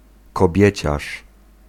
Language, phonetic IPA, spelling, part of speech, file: Polish, [kɔˈbʲjɛ̇t͡ɕaʃ], kobieciarz, noun, Pl-kobieciarz.ogg